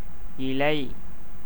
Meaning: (noun) 1. leaf 2. betel leaf 3. plantain tree leaf; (verb) to become green
- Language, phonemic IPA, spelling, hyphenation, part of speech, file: Tamil, /ɪlɐɪ̯/, இலை, இ‧லை, noun / verb, Ta-இலை.ogg